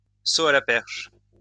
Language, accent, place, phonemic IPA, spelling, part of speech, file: French, France, Lyon, /so a la pɛʁʃ/, saut à la perche, noun, LL-Q150 (fra)-saut à la perche.wav
- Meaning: pole vault